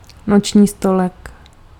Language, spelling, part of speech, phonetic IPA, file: Czech, noční stolek, noun, [not͡ʃɲiː stolɛk], Cs-noční stolek.ogg
- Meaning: nightstand, bedside table